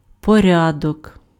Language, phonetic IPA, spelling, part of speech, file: Ukrainian, [pɔˈrʲadɔk], порядок, noun, Uk-порядок.ogg
- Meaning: 1. order, sequence 2. order, procedure